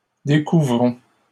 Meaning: inflection of découvrir: 1. first-person plural present indicative 2. first-person plural imperative
- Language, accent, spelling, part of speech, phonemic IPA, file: French, Canada, découvrons, verb, /de.ku.vʁɔ̃/, LL-Q150 (fra)-découvrons.wav